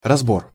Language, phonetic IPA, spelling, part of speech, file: Russian, [rɐzˈbor], разбор, noun, Ru-разбор.ogg
- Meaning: 1. analysis, review, critique, investigation, examination, inquiry 2. parsing 3. trial, hearing 4. selectivity